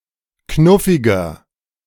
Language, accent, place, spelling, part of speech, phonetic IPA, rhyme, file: German, Germany, Berlin, knuffiger, adjective, [ˈknʊfɪɡɐ], -ʊfɪɡɐ, De-knuffiger.ogg
- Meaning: 1. comparative degree of knuffig 2. inflection of knuffig: strong/mixed nominative masculine singular 3. inflection of knuffig: strong genitive/dative feminine singular